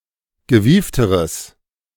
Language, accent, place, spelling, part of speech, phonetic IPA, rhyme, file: German, Germany, Berlin, gewiefteres, adjective, [ɡəˈviːftəʁəs], -iːftəʁəs, De-gewiefteres.ogg
- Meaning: strong/mixed nominative/accusative neuter singular comparative degree of gewieft